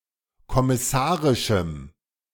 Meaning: strong dative masculine/neuter singular of kommissarisch
- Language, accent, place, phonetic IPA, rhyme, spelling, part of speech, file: German, Germany, Berlin, [kɔmɪˈsaːʁɪʃm̩], -aːʁɪʃm̩, kommissarischem, adjective, De-kommissarischem.ogg